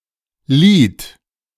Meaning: second-person plural preterite of leihen
- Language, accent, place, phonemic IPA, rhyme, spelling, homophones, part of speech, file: German, Germany, Berlin, /liːt/, -iːt, lieht, Lied / Lid, verb, De-lieht.ogg